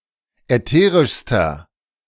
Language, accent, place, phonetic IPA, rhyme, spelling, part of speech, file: German, Germany, Berlin, [ɛˈteːʁɪʃstɐ], -eːʁɪʃstɐ, ätherischster, adjective, De-ätherischster.ogg
- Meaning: inflection of ätherisch: 1. strong/mixed nominative masculine singular superlative degree 2. strong genitive/dative feminine singular superlative degree 3. strong genitive plural superlative degree